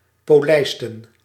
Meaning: to polish
- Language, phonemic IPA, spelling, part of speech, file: Dutch, /poˈlɛɪstə(n)/, polijsten, verb, Nl-polijsten.ogg